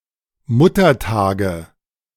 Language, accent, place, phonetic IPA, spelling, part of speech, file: German, Germany, Berlin, [ˈmʊtɐˌtaːɡə], Muttertage, noun, De-Muttertage.ogg
- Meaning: nominative/accusative/genitive plural of Muttertag